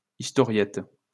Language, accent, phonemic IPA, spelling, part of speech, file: French, France, /is.tɔ.ʁjɛt/, historiette, noun, LL-Q150 (fra)-historiette.wav
- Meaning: historiette, storiette / storyette (short story or tale)